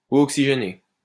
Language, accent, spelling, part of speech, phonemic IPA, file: French, France, eau oxygénée, noun, /o ɔk.si.ʒe.ne/, LL-Q150 (fra)-eau oxygénée.wav
- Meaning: hydrogen peroxide